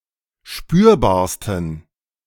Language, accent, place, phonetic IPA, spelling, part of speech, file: German, Germany, Berlin, [ˈʃpyːɐ̯baːɐ̯stn̩], spürbarsten, adjective, De-spürbarsten.ogg
- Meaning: 1. superlative degree of spürbar 2. inflection of spürbar: strong genitive masculine/neuter singular superlative degree